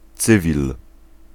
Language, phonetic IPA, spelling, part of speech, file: Polish, [ˈt͡sɨvʲil], cywil, noun, Pl-cywil.ogg